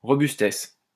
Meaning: robustness
- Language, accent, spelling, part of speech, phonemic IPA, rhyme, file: French, France, robustesse, noun, /ʁɔ.bys.tɛs/, -ɛs, LL-Q150 (fra)-robustesse.wav